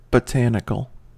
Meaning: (adjective) 1. Of or pertaining to botany; relating to the study of plants 2. Of or pertaining to plants; vegetable in the broad sense
- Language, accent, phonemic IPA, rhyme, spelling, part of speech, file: English, US, /bəˈtænɪkəl/, -ænɪkəl, botanical, adjective / noun, En-us-botanical.ogg